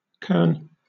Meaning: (noun) 1. A corn; grain; kernel 2. The last handful or sheaf reaped at the harvest 3. The harvest home 4. A doll or figurine raised in celebration of a successful harvest; kern-baby
- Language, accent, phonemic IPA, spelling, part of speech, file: English, Southern England, /kɜːn/, kern, noun / verb, LL-Q1860 (eng)-kern.wav